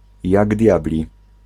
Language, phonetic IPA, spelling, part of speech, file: Polish, [ˈjaɡ ˈdʲjablʲi], jak diabli, adverbial phrase, Pl-jak diabli.ogg